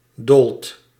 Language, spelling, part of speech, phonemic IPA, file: Dutch, doolt, verb, /dolt/, Nl-doolt.ogg
- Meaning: inflection of dolen: 1. second/third-person singular present indicative 2. plural imperative